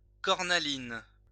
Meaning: carnelian
- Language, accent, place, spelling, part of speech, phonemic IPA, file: French, France, Lyon, cornaline, noun, /kɔʁ.na.lin/, LL-Q150 (fra)-cornaline.wav